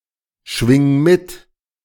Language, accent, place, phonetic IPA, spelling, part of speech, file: German, Germany, Berlin, [ˌʃvɪŋ ˈmɪt], schwing mit, verb, De-schwing mit.ogg
- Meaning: singular imperative of mitschwingen